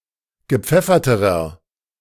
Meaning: inflection of gepfeffert: 1. strong/mixed nominative masculine singular comparative degree 2. strong genitive/dative feminine singular comparative degree 3. strong genitive plural comparative degree
- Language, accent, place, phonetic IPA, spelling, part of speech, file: German, Germany, Berlin, [ɡəˈp͡fɛfɐtəʁɐ], gepfefferterer, adjective, De-gepfefferterer.ogg